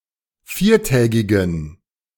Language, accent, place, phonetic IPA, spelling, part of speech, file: German, Germany, Berlin, [ˈfiːɐ̯ˌtɛːɡɪɡn̩], viertägigen, adjective, De-viertägigen.ogg
- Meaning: inflection of viertägig: 1. strong genitive masculine/neuter singular 2. weak/mixed genitive/dative all-gender singular 3. strong/weak/mixed accusative masculine singular 4. strong dative plural